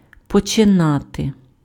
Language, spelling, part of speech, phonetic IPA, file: Ukrainian, починати, verb, [pɔt͡ʃeˈnate], Uk-починати.ogg
- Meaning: to begin, to start, to commence